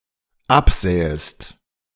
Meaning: second-person singular dependent subjunctive II of absehen
- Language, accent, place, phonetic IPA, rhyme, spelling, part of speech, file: German, Germany, Berlin, [ˈapˌzɛːəst], -apzɛːəst, absähest, verb, De-absähest.ogg